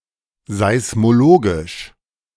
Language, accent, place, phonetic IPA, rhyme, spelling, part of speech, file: German, Germany, Berlin, [zaɪ̯smoˈloːɡɪʃ], -oːɡɪʃ, seismologisch, adjective, De-seismologisch.ogg
- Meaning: seismologic, seismological